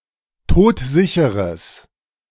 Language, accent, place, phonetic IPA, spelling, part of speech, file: German, Germany, Berlin, [ˈtoːtˈzɪçəʁəs], todsicheres, adjective, De-todsicheres.ogg
- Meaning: strong/mixed nominative/accusative neuter singular of todsicher